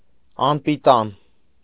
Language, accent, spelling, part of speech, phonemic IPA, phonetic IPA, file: Armenian, Eastern Armenian, անպիտան, adjective / noun, /ɑnpiˈtɑn/, [ɑnpitɑ́n], Hy-անպիտան.ogg
- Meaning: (adjective) unfit; improper, unsuitable; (noun) scoundrel, rascal, good-for-nothing, worthless person